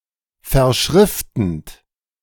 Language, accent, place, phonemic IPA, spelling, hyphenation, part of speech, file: German, Germany, Berlin, /fɛɐ̯ˈʃʁɪftn̩t/, verschriftend, ver‧schrif‧tend, verb, De-verschriftend.ogg
- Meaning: present participle of verschriften